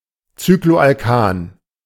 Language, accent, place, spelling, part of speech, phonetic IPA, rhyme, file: German, Germany, Berlin, Cycloalkan, noun, [ˌt͡sykloʔalˈkaːn], -aːn, De-Cycloalkan.ogg
- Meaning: cycloalkane